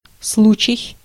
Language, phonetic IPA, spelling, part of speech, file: Russian, [ˈsɫut͡ɕɪj], случай, noun, Ru-случай.ogg
- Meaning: 1. case 2. occurrence, event 3. occasion 4. opportunity, chance